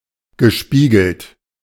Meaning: past participle of spiegeln
- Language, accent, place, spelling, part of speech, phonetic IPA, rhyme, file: German, Germany, Berlin, gespiegelt, verb, [ɡəˈʃpiːɡl̩t], -iːɡl̩t, De-gespiegelt.ogg